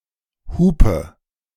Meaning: inflection of hupen: 1. first-person singular present 2. singular imperative 3. first/third-person singular subjunctive I
- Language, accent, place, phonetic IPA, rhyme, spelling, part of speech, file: German, Germany, Berlin, [ˈhuːpə], -uːpə, hupe, verb, De-hupe.ogg